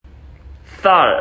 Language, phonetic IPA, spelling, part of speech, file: Korean, [s͈a̠ɭ], 쌀, noun, Ko-쌀.ogg
- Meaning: 1. uncooked rice 2. white hulled grains of barley, wheat, etc